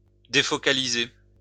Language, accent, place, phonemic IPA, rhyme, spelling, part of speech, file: French, France, Lyon, /de.fɔ.ka.li.ze/, -e, défocaliser, verb, LL-Q150 (fra)-défocaliser.wav
- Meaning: to unfocus